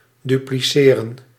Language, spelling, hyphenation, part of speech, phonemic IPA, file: Dutch, dupliceren, du‧pli‧ce‧ren, verb, /ˌdypliˈseːrə(n)/, Nl-dupliceren.ogg
- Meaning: to duplicate